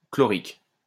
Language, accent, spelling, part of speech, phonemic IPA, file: French, France, chlorique, adjective, /klɔ.ʁik/, LL-Q150 (fra)-chlorique.wav
- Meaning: chloric